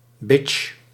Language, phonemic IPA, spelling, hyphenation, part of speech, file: Dutch, /bɪtʃ/, bitch, bitch, noun, Nl-bitch.ogg
- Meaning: 1. bitch (somewhat general term of abuse for a woman; disagreeable, assertive, aggressive or malicious woman) 2. bitch (person in a submissive or low-placed position)